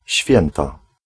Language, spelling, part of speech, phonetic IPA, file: Polish, święta, noun / adjective, [ˈɕfʲjɛ̃nta], Pl-święta.ogg